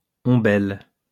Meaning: umbel
- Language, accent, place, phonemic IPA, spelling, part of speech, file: French, France, Lyon, /ɔ̃.bɛl/, ombelle, noun, LL-Q150 (fra)-ombelle.wav